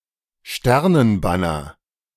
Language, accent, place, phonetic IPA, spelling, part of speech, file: German, Germany, Berlin, [ˈʃtɛʁnənˌbanɐ], Sternenbanner, noun, De-Sternenbanner.ogg
- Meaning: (proper noun) Star-Spangled Banner; Stars and Stripes (the flag of the United States); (noun) any flag dominated by stars